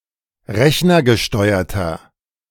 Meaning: inflection of rechnergesteuert: 1. strong/mixed nominative masculine singular 2. strong genitive/dative feminine singular 3. strong genitive plural
- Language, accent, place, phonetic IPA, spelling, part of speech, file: German, Germany, Berlin, [ˈʁɛçnɐɡəˌʃtɔɪ̯ɐtɐ], rechnergesteuerter, adjective, De-rechnergesteuerter.ogg